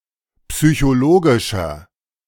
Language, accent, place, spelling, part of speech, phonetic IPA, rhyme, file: German, Germany, Berlin, psychologischer, adjective, [psyçoˈloːɡɪʃɐ], -oːɡɪʃɐ, De-psychologischer.ogg
- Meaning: inflection of psychologisch: 1. strong/mixed nominative masculine singular 2. strong genitive/dative feminine singular 3. strong genitive plural